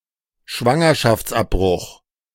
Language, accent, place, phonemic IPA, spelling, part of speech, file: German, Germany, Berlin, /ˈʃvaŋɐʃaft͡sˌʔapbʁʊx/, Schwangerschaftsabbruch, noun, De-Schwangerschaftsabbruch.ogg
- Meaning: induced abortion